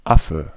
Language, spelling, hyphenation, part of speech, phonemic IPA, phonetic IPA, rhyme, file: German, Affe, Af‧fe, noun, /ˈafə/, [ˈʔa.fə], -afə, De-Affe.ogg
- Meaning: 1. monkey or ape (male or female or of unspecified sex) 2. ellipsis of Fellaffe, a kind of furry military knapsack 3. drunkenness, alcohol intoxication